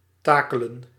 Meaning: 1. to hoist with a tackle or pulley 2. to rig (of sailing vessels)
- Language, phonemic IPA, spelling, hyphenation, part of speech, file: Dutch, /ˈtaː.kələ(n)/, takelen, ta‧ke‧len, verb, Nl-takelen.ogg